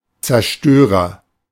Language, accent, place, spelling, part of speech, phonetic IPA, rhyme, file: German, Germany, Berlin, Zerstörer, noun, [t͡sɛɐ̯ˈʃtøːʁɐ], -øːʁɐ, De-Zerstörer.ogg
- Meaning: 1. agent noun of zerstören 2. destroyer (that who/which destroys) 3. heavy fighter (a type of fighter-aircraft)